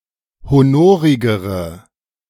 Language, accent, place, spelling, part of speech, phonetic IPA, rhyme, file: German, Germany, Berlin, honorigere, adjective, [hoˈnoːʁɪɡəʁə], -oːʁɪɡəʁə, De-honorigere.ogg
- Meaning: inflection of honorig: 1. strong/mixed nominative/accusative feminine singular comparative degree 2. strong nominative/accusative plural comparative degree